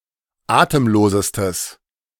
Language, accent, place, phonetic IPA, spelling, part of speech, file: German, Germany, Berlin, [ˈaːtəmˌloːzəstəs], atemlosestes, adjective, De-atemlosestes.ogg
- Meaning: strong/mixed nominative/accusative neuter singular superlative degree of atemlos